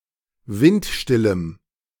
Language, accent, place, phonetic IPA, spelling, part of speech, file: German, Germany, Berlin, [ˈvɪntˌʃtɪləm], windstillem, adjective, De-windstillem.ogg
- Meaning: strong dative masculine/neuter singular of windstill